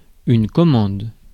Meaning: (noun) order (request for some product or service); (verb) inflection of commander: 1. first/third-person singular present indicative/subjunctive 2. second-person singular imperative
- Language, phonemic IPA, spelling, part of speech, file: French, /kɔ.mɑ̃d/, commande, noun / verb, Fr-commande.ogg